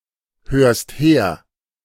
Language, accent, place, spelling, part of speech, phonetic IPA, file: German, Germany, Berlin, hörst her, verb, [ˌhøːɐ̯st ˈheːɐ̯], De-hörst her.ogg
- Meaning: second-person singular present of herhören